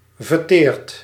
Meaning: past participle of verteren
- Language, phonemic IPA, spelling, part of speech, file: Dutch, /vərˈtert/, verteerd, verb, Nl-verteerd.ogg